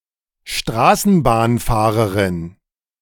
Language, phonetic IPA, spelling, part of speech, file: German, [ˈʃtʁaːsn̩baːnˌfaːʁəʁɪn], Straßenbahnfahrerin, noun, De-Straßenbahnfahrerin.oga
- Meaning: tram driver (woman)